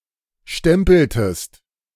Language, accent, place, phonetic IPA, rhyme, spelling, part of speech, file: German, Germany, Berlin, [ˈʃtɛmpl̩təst], -ɛmpl̩təst, stempeltest, verb, De-stempeltest.ogg
- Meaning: inflection of stempeln: 1. second-person singular preterite 2. second-person singular subjunctive II